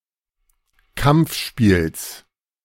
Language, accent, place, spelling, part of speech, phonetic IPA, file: German, Germany, Berlin, Kampfspiels, noun, [ˈkamp͡fˌʃpiːls], De-Kampfspiels.ogg
- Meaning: genitive of Kampfspiel